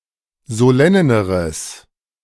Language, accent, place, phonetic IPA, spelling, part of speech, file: German, Germany, Berlin, [zoˈlɛnəʁəs], solenneres, adjective, De-solenneres.ogg
- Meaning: strong/mixed nominative/accusative neuter singular comparative degree of solenn